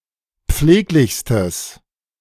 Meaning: strong/mixed nominative/accusative neuter singular superlative degree of pfleglich
- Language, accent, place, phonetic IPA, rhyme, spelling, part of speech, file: German, Germany, Berlin, [ˈp͡fleːklɪçstəs], -eːklɪçstəs, pfleglichstes, adjective, De-pfleglichstes.ogg